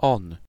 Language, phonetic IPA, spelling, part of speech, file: Polish, [ɔ̃n], on, pronoun, Pl-on.ogg